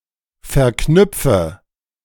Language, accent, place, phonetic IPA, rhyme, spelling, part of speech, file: German, Germany, Berlin, [fɛɐ̯ˈknʏp͡fə], -ʏp͡fə, verknüpfe, verb, De-verknüpfe.ogg
- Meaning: inflection of verknüpfen: 1. first-person singular present 2. first/third-person singular subjunctive I 3. singular imperative